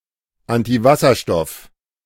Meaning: antihydrogen
- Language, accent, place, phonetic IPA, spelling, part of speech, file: German, Germany, Berlin, [ˌantiˈvasɐʃtɔf], Antiwasserstoff, noun, De-Antiwasserstoff.ogg